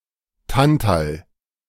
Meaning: tantalum
- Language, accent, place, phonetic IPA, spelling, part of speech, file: German, Germany, Berlin, [ˈtantal], Tantal, noun, De-Tantal.ogg